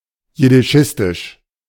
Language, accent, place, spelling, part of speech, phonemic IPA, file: German, Germany, Berlin, jiddischistisch, adjective, /jɪdɪˈʃɪstɪʃ/, De-jiddischistisch.ogg
- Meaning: Yiddishist, Yiddishistic